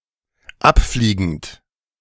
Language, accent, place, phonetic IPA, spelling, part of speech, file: German, Germany, Berlin, [ˈapˌfliːɡn̩t], abfliegend, adjective / verb, De-abfliegend.ogg
- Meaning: present participle of abfliegen